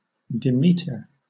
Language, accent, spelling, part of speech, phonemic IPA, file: English, Southern England, Demeter, proper noun, /dɪˈmiːtə/, LL-Q1860 (eng)-Demeter.wav
- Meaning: 1. The goddess of the fertility of the Earth and harvests, protector of marriage and social order; daughter of Cronos and Rhea, mother to Persephone 2. 1108 Demeter, a main belt asteroid